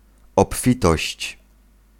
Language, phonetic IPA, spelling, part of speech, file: Polish, [ɔpˈfʲitɔɕt͡ɕ], obfitość, noun, Pl-obfitość.ogg